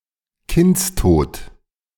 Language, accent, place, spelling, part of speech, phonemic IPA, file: German, Germany, Berlin, Kindstod, noun, /ˈkɪntsˌtoːt/, De-Kindstod.ogg
- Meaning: cot death, crib death, sudden infant death syndrome (unexplained death of a baby, usually while sleeping)